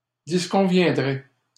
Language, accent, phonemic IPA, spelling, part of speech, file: French, Canada, /dis.kɔ̃.vjɛ̃.dʁɛ/, disconviendraient, verb, LL-Q150 (fra)-disconviendraient.wav
- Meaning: third-person plural conditional of disconvenir